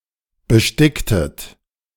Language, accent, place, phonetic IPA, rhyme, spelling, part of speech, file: German, Germany, Berlin, [bəˈʃtɪktət], -ɪktət, besticktet, verb, De-besticktet.ogg
- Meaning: inflection of besticken: 1. second-person plural preterite 2. second-person plural subjunctive II